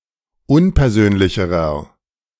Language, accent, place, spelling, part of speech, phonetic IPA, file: German, Germany, Berlin, unpersönlicherer, adjective, [ˈʊnpɛɐ̯ˌzøːnlɪçəʁɐ], De-unpersönlicherer.ogg
- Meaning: inflection of unpersönlich: 1. strong/mixed nominative masculine singular comparative degree 2. strong genitive/dative feminine singular comparative degree 3. strong genitive plural comparative degree